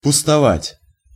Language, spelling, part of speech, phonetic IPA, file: Russian, пустовать, verb, [pʊstɐˈvatʲ], Ru-пустовать.ogg
- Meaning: to be/stand empty, to be tenantless, to be uninhabited, to lie fallow